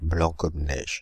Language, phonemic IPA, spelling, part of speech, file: French, /blɑ̃ kɔm nɛʒ/, blanc comme neige, adjective, Fr-blanc comme neige.ogg
- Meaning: Beyond moral reproach; squeaky clean; clean as a whistle; pure as the driven snow